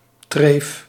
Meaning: dietary taboo, disallowed food
- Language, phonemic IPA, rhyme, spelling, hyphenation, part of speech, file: Dutch, /treːf/, -eːf, treef, treef, noun, Nl-treef.ogg